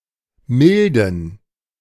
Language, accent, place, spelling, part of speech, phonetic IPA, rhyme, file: German, Germany, Berlin, milden, adjective, [ˈmɪldn̩], -ɪldn̩, De-milden.ogg
- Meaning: inflection of mild: 1. strong genitive masculine/neuter singular 2. weak/mixed genitive/dative all-gender singular 3. strong/weak/mixed accusative masculine singular 4. strong dative plural